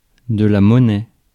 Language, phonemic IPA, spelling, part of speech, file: French, /mɔ.nɛ/, monnaie, noun / verb, Fr-monnaie.ogg
- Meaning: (noun) 1. change (money back after a transaction) 2. currency 3. cash, change (coins, as opposed to notes) 4. coinage